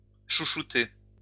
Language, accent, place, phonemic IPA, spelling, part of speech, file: French, France, Lyon, /ʃu.ʃu.te/, chouchouter, verb, LL-Q150 (fra)-chouchouter.wav
- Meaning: to spoil, pamper